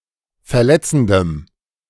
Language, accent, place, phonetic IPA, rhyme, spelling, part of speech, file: German, Germany, Berlin, [fɛɐ̯ˈlɛt͡sn̩dəm], -ɛt͡sn̩dəm, verletzendem, adjective, De-verletzendem.ogg
- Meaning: strong dative masculine/neuter singular of verletzend